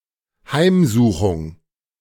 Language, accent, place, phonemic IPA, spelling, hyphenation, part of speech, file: German, Germany, Berlin, /ˈhaɪ̯mˌzuːxʊŋ/, Heimsuchung, Heim‧su‧chung, noun, De-Heimsuchung.ogg
- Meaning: 1. blow, stroke of fate, scourge (negative event, trouble) 2. visit 3. visitation